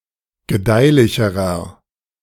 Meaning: inflection of gedeihlich: 1. strong/mixed nominative masculine singular comparative degree 2. strong genitive/dative feminine singular comparative degree 3. strong genitive plural comparative degree
- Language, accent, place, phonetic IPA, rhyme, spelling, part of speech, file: German, Germany, Berlin, [ɡəˈdaɪ̯lɪçəʁɐ], -aɪ̯lɪçəʁɐ, gedeihlicherer, adjective, De-gedeihlicherer.ogg